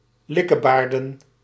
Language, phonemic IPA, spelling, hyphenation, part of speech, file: Dutch, /ˈlɪ.kəˌbaːr.də(n)/, likkebaarden, lik‧ke‧baar‧den, verb, Nl-likkebaarden.ogg
- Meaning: to salivate, to lick one's lips (to anticipate with pleasure)